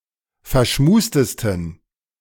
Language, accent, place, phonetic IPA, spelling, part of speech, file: German, Germany, Berlin, [fɛɐ̯ˈʃmuːstəstn̩], verschmustesten, adjective, De-verschmustesten.ogg
- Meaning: 1. superlative degree of verschmust 2. inflection of verschmust: strong genitive masculine/neuter singular superlative degree